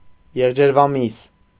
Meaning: venison (meat of a deer)
- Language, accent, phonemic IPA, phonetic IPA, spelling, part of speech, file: Armenian, Eastern Armenian, /jeʁd͡ʒeɾvɑˈmis/, [jeʁd͡ʒeɾvɑmís], եղջերվամիս, noun, Hy-եղջերվամիս.ogg